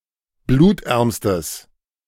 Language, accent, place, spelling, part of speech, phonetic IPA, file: German, Germany, Berlin, blutärmstes, adjective, [ˈbluːtˌʔɛʁmstəs], De-blutärmstes.ogg
- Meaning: strong/mixed nominative/accusative neuter singular superlative degree of blutarm